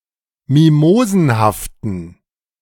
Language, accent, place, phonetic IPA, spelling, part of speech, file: German, Germany, Berlin, [ˈmimoːzn̩haftn̩], mimosenhaften, adjective, De-mimosenhaften.ogg
- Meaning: inflection of mimosenhaft: 1. strong genitive masculine/neuter singular 2. weak/mixed genitive/dative all-gender singular 3. strong/weak/mixed accusative masculine singular 4. strong dative plural